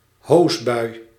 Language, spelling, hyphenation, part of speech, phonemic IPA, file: Dutch, hoosbui, hoos‧bui, noun, /ˈɦoːs.bœy̯/, Nl-hoosbui.ogg
- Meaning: a downpour, a heavy rain